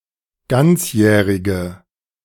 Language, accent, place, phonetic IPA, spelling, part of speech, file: German, Germany, Berlin, [ˈɡant͡sˌjɛːʁɪɡə], ganzjährige, adjective, De-ganzjährige.ogg
- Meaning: inflection of ganzjährig: 1. strong/mixed nominative/accusative feminine singular 2. strong nominative/accusative plural 3. weak nominative all-gender singular